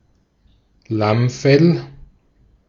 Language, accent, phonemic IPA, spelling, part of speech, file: German, Austria, /ˈlamfɛl/, Lammfell, noun, De-at-Lammfell.ogg
- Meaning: lambskin